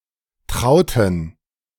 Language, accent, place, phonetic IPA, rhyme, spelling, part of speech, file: German, Germany, Berlin, [ˈtʁaʊ̯tn̩], -aʊ̯tn̩, trauten, adjective / verb, De-trauten.ogg
- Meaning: inflection of trauen: 1. first/third-person plural preterite 2. first/third-person plural subjunctive II